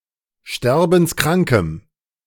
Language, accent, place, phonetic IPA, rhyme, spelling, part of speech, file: German, Germany, Berlin, [ˈʃtɛʁbn̩sˈkʁaŋkəm], -aŋkəm, sterbenskrankem, adjective, De-sterbenskrankem.ogg
- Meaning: strong dative masculine/neuter singular of sterbenskrank